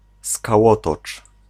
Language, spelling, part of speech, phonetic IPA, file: Polish, skałotocz, noun, [skaˈwɔtɔt͡ʃ], Pl-skałotocz.ogg